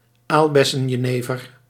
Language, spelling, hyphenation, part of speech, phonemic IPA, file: Dutch, aalbessenjenever, aal‧bes‧sen‧je‧ne‧ver, noun, /ˈaːl.bɛ.sə(n).jəˌneː.vər/, Nl-aalbessenjenever.ogg
- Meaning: jenever made with currant